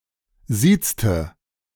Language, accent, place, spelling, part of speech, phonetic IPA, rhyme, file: German, Germany, Berlin, siezte, verb, [ˈziːt͡stə], -iːt͡stə, De-siezte.ogg
- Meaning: inflection of siezen: 1. first/third-person singular preterite 2. first/third-person singular subjunctive II